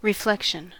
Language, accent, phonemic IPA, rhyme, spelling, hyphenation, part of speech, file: English, US, /ɹɪˈflɛkʃən/, -ɛkʃən, reflection, re‧flec‧tion, noun, En-us-reflection.ogg
- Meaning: 1. The act of reflecting or the state of being reflected 2. The property of a propagated wave being thrown back from a surface (such as a mirror) 3. Something, such as an image, that is reflected